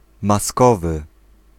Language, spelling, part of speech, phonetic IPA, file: Polish, maskowy, adjective, [maˈskɔvɨ], Pl-maskowy.ogg